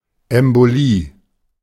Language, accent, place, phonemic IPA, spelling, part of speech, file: German, Germany, Berlin, /ɛmboˈliː/, Embolie, noun, De-Embolie.ogg
- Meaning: embolism (obstruction or occlusion of a blood vessel by an embolus)